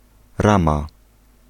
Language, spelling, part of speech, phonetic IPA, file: Polish, rama, noun, [ˈrãma], Pl-rama.ogg